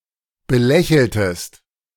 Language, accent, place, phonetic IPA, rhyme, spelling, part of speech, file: German, Germany, Berlin, [bəˈlɛçl̩təst], -ɛçl̩təst, belächeltest, verb, De-belächeltest.ogg
- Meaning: inflection of belächeln: 1. second-person singular preterite 2. second-person singular subjunctive II